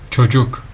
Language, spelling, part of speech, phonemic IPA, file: Turkish, çocuk, noun, /t͡ʃoˈd͡ʒuk/, Tr tr çocuk.ogg
- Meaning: 1. child 2. a male around dating age